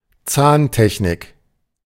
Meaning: dental technology
- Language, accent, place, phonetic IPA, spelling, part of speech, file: German, Germany, Berlin, [ˈt͡saːnˌtɛçnɪk], Zahntechnik, noun, De-Zahntechnik.ogg